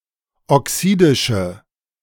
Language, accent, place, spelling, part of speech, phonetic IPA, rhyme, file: German, Germany, Berlin, oxidische, adjective, [ɔˈksiːdɪʃə], -iːdɪʃə, De-oxidische.ogg
- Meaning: inflection of oxidisch: 1. strong/mixed nominative/accusative feminine singular 2. strong nominative/accusative plural 3. weak nominative all-gender singular